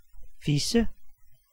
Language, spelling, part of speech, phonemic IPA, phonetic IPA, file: Danish, fisse, noun, /fisə/, [ˈfisə], Da-fisse.ogg
- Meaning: 1. pussy (vagina) 2. pussy (sexual intercourse with a woman)